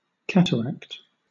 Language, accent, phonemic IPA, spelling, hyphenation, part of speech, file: English, Southern England, /ˈkætəɹækt/, cataract, cat‧a‧ract, noun / verb, LL-Q1860 (eng)-cataract.wav
- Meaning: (noun) 1. A (large) waterfall, specifically one flowing over the edge of a cliff 2. A flood of water; specifically, steep rapids in a river 3. An overwhelming downpour or rush; a flood